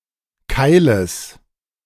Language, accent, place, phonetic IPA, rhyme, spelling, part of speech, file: German, Germany, Berlin, [ˈkaɪ̯ləs], -aɪ̯ləs, Keiles, noun, De-Keiles.ogg
- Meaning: genitive singular of Keil